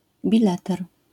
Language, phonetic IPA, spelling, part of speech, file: Polish, [bʲiˈlɛtɛr], bileter, noun, LL-Q809 (pol)-bileter.wav